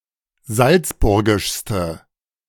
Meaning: inflection of salzburgisch: 1. strong/mixed nominative/accusative feminine singular superlative degree 2. strong nominative/accusative plural superlative degree
- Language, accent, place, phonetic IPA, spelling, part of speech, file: German, Germany, Berlin, [ˈzalt͡sˌbʊʁɡɪʃstə], salzburgischste, adjective, De-salzburgischste.ogg